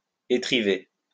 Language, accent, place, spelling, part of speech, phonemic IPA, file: French, France, Lyon, étriver, verb, /e.tʁi.ve/, LL-Q150 (fra)-étriver.wav
- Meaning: to tie together two ropes with a third